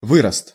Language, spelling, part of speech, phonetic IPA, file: Russian, вырост, noun, [ˈvɨrəst], Ru-вырост.ogg
- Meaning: protuberance, growth